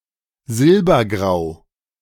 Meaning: silver-grey
- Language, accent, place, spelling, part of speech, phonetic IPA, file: German, Germany, Berlin, silbergrau, adjective, [ˈzɪlbɐˌɡʁaʊ̯], De-silbergrau.ogg